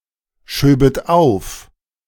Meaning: second-person plural subjunctive II of aufschieben
- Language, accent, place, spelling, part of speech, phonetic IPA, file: German, Germany, Berlin, schöbet auf, verb, [ˌʃøːbət ˈaʊ̯f], De-schöbet auf.ogg